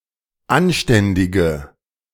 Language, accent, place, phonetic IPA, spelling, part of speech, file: German, Germany, Berlin, [ˈanˌʃtɛndɪɡə], anständige, adjective, De-anständige.ogg
- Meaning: inflection of anständig: 1. strong/mixed nominative/accusative feminine singular 2. strong nominative/accusative plural 3. weak nominative all-gender singular